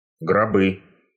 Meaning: nominative/accusative plural of гроб (grob)
- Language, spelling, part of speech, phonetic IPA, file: Russian, гробы, noun, [ɡrɐˈbɨ], Ru-гробы.ogg